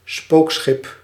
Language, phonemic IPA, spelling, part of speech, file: Dutch, /ˈspoksxɪp/, spookschip, noun, Nl-spookschip.ogg
- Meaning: ghost ship